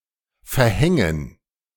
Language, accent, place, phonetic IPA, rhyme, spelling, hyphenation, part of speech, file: German, Germany, Berlin, [fɛɐ̯ˈhɛŋən], -ɛŋən, verhängen, ver‧hän‧gen, verb, De-verhängen.ogg
- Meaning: 1. to impose, inflict 2. to cover, veil